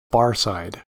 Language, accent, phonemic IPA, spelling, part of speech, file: English, US, /ˈbɑɹ.saɪd/, barside, adjective, En-us-barside.ogg
- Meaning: Beside a bar (counter or building that serves alcoholic drinks)